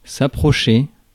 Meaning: to approach, to come close to, to move towards
- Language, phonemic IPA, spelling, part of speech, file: French, /a.pʁɔ.ʃe/, approcher, verb, Fr-approcher.ogg